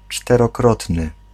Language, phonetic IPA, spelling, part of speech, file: Polish, [ˌt͡ʃtɛrɔˈkrɔtnɨ], czterokrotny, adjective, Pl-czterokrotny.ogg